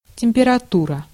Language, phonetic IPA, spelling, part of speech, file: Russian, [tʲɪm⁽ʲ⁾pʲɪrɐˈturə], температура, noun, Ru-температура.ogg
- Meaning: 1. temperature 2. fever (about disease)